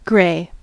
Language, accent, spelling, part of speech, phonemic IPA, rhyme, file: English, US, grey, adjective / verb / noun, /ɡɹeɪ/, -eɪ, En-us-grey.ogg
- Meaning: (adjective) 1. Commonwealth standard spelling of gray 2. Synonym of coloured (pertaining to the mixed race of black and white)